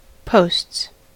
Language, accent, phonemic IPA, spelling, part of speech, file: English, US, /poʊsts/, posts, noun / verb, En-us-posts.ogg
- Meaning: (noun) plural of post; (verb) third-person singular simple present indicative of post